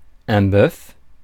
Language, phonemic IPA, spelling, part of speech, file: French, /bœf/, boeuf, noun, Fr-boeuf.ogg
- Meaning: nonstandard spelling of bœuf